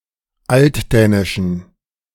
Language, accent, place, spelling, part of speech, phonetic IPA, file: German, Germany, Berlin, altdänischen, adjective, [ˈaltˌdɛːnɪʃn̩], De-altdänischen.ogg
- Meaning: inflection of altdänisch: 1. strong genitive masculine/neuter singular 2. weak/mixed genitive/dative all-gender singular 3. strong/weak/mixed accusative masculine singular 4. strong dative plural